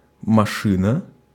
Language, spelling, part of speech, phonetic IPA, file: Russian, машина, noun, [mɐˈʂɨnə], Ru-машина.ogg
- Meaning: 1. car, motor vehicle 2. machine 3. computer 4. accelerator